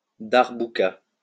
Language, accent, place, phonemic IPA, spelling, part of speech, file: French, France, Lyon, /daʁ.bu.ka/, darbouka, noun, LL-Q150 (fra)-darbouka.wav
- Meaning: darbuka